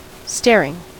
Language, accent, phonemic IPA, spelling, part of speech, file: English, US, /ˈstɛɹɪŋ/, staring, verb / noun / adjective, En-us-staring.ogg
- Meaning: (verb) present participle and gerund of stare; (noun) The act of one who stares; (adjective) 1. Shining; vivid, garish 2. Looking fixedly with wide-open eyes 3. Sensational, lurid